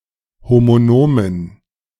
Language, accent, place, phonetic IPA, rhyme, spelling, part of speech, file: German, Germany, Berlin, [ˌhomoˈnoːmən], -oːmən, homonomen, adjective, De-homonomen.ogg
- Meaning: inflection of homonom: 1. strong genitive masculine/neuter singular 2. weak/mixed genitive/dative all-gender singular 3. strong/weak/mixed accusative masculine singular 4. strong dative plural